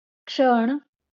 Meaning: moment, instant (a short amount of time)
- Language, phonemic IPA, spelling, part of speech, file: Marathi, /kʂəɳ/, क्षण, noun, LL-Q1571 (mar)-क्षण.wav